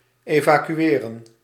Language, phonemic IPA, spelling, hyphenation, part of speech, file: Dutch, /ˌeː.vaː.kyˈeː.rə(n)/, evacueren, eva‧cu‧e‧ren, verb, Nl-evacueren.ogg
- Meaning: to evacuate, to empty out